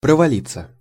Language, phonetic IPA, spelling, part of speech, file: Russian, [prəvɐˈlʲit͡sːə], провалиться, verb, Ru-провалиться.ogg
- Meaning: 1. to fall through, to come down 2. to fail, to flunk (on an exam) 3. passive of провали́ть (provalítʹ)